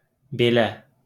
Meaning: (determiner) such; like this (that, these, those); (adverb) 1. so; in this way; like this (that) 2. surprisement or disfavour 3. after, since 4. even
- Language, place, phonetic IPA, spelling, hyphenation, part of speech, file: Azerbaijani, Baku, [beˈlæ], belə, be‧lə, determiner / adverb, LL-Q9292 (aze)-belə.wav